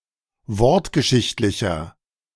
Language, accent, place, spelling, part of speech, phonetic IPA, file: German, Germany, Berlin, wortgeschichtlicher, adjective, [ˈvɔʁtɡəˌʃɪçtlɪçɐ], De-wortgeschichtlicher.ogg
- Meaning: inflection of wortgeschichtlich: 1. strong/mixed nominative masculine singular 2. strong genitive/dative feminine singular 3. strong genitive plural